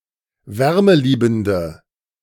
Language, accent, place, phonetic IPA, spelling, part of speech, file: German, Germany, Berlin, [ˈvɛʁməˌliːbn̩də], wärmeliebende, adjective, De-wärmeliebende.ogg
- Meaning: inflection of wärmeliebend: 1. strong/mixed nominative/accusative feminine singular 2. strong nominative/accusative plural 3. weak nominative all-gender singular